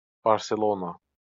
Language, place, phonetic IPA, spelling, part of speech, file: Azerbaijani, Baku, [bɑɾseˈɫonɑ], Barselona, proper noun, LL-Q9292 (aze)-Barselona.wav
- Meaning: 1. Barcelona (the capital city of Catalonia, Spain) 2. Barcelona (a province of Catalonia, Spain)